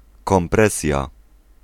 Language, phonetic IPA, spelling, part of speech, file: Polish, [kɔ̃mˈprɛsʲja], kompresja, noun, Pl-kompresja.ogg